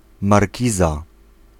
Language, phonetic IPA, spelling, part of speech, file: Polish, [marʲˈciza], markiza, noun, Pl-markiza.ogg